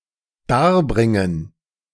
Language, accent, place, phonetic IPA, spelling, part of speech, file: German, Germany, Berlin, [ˈdaːɐ̯ˌbʁɪŋən], darbringen, verb, De-darbringen.ogg
- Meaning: 1. to sacrifice, to offer 2. to perform